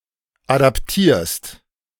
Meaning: second-person singular present of adaptieren
- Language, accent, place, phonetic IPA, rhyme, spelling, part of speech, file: German, Germany, Berlin, [ˌadapˈtiːɐ̯st], -iːɐ̯st, adaptierst, verb, De-adaptierst.ogg